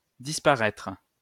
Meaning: post-1990 spelling of disparaître
- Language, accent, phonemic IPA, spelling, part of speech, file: French, France, /dis.pa.ʁɛtʁ/, disparaitre, verb, LL-Q150 (fra)-disparaitre.wav